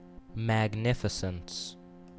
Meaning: 1. grandeur, brilliance, lavishness or splendor 2. The act of doing what is magnificent; the state or quality of being magnificent
- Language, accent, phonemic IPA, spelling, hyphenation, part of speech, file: English, US, /mæɡˈnɪfɪsəns/, magnificence, mag‧nif‧i‧cence, noun, En-us-magnificence.ogg